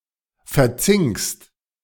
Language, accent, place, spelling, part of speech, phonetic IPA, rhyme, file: German, Germany, Berlin, verzinkst, verb, [fɛɐ̯ˈt͡sɪŋkst], -ɪŋkst, De-verzinkst.ogg
- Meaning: second-person singular present of verzinken